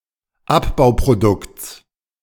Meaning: genitive singular of Abbauprodukt
- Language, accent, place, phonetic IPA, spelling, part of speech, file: German, Germany, Berlin, [ˈapbaʊ̯pʁoˌdʊkt͡s], Abbauprodukts, noun, De-Abbauprodukts.ogg